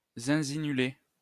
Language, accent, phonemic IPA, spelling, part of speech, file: French, France, /zɛ̃.zi.ny.le/, zinzinuler, verb, LL-Q150 (fra)-zinzinuler.wav
- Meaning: to warble (make the cry of certain birds)